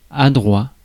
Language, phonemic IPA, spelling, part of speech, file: French, /a.dʁwa/, adroit, adjective, Fr-adroit.ogg
- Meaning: skilful, apt, skilled (possessing skill, skilled)